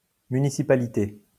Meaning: 1. municipality 2. town council, city council
- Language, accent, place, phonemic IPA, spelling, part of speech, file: French, France, Lyon, /my.ni.si.pa.li.te/, municipalité, noun, LL-Q150 (fra)-municipalité.wav